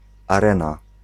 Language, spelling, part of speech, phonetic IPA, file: Polish, arena, noun, [aˈrɛ̃na], Pl-arena.ogg